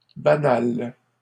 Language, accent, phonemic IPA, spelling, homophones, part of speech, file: French, Canada, /ba.nal/, banale, banal / banals / banales, adjective, LL-Q150 (fra)-banale.wav
- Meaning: feminine singular of banal